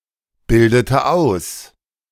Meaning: inflection of ausbilden: 1. first/third-person singular preterite 2. first/third-person singular subjunctive II
- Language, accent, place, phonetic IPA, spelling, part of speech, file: German, Germany, Berlin, [ˌbɪldətə ˈaʊ̯s], bildete aus, verb, De-bildete aus.ogg